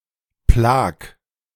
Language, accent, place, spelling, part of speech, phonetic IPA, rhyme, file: German, Germany, Berlin, plag, verb, [plaːk], -aːk, De-plag.ogg
- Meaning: 1. singular imperative of plagen 2. first-person singular present of plagen